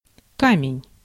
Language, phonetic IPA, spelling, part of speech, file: Russian, [ˈkamʲɪnʲ], камень, noun, Ru-камень.ogg
- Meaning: 1. stone, rock 2. calculus, stone 3. weight 4. cliff 5. processor 6. jewel (analog watch)